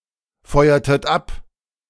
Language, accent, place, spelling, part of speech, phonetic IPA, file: German, Germany, Berlin, feuertet ab, verb, [ˌfɔɪ̯ɐtət ˈap], De-feuertet ab.ogg
- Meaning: inflection of abfeuern: 1. second-person plural preterite 2. second-person plural subjunctive II